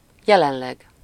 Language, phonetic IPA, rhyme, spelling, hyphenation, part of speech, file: Hungarian, [ˈjɛlɛnlɛɡ], -ɛɡ, jelenleg, je‧len‧leg, adverb, Hu-jelenleg.ogg
- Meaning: currently, at present, at the moment